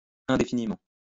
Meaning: indefinitely (for an indefinite amount of time)
- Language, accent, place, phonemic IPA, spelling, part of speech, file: French, France, Lyon, /ɛ̃.de.fi.ni.mɑ̃/, indéfiniment, adverb, LL-Q150 (fra)-indéfiniment.wav